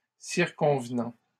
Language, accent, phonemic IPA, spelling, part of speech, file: French, Canada, /siʁ.kɔ̃v.nɑ̃/, circonvenant, verb, LL-Q150 (fra)-circonvenant.wav
- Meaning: present participle of circonvenir